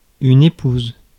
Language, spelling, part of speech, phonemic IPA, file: French, épouse, noun / verb, /e.puz/, Fr-épouse.ogg
- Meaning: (noun) female spouse, wife; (verb) inflection of épouser: 1. first/third-person singular present indicative/subjunctive 2. second-person singular imperative